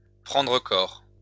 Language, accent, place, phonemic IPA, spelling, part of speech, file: French, France, Lyon, /pʁɑ̃.dʁə kɔʁ/, prendre corps, verb, LL-Q150 (fra)-prendre corps.wav
- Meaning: to take shape